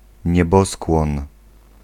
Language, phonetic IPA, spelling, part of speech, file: Polish, [ɲɛˈbɔskwɔ̃n], nieboskłon, noun, Pl-nieboskłon.ogg